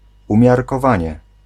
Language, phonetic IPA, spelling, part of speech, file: Polish, [ˌũmʲjarkɔˈvãɲɛ], umiarkowanie, adverb / noun, Pl-umiarkowanie.ogg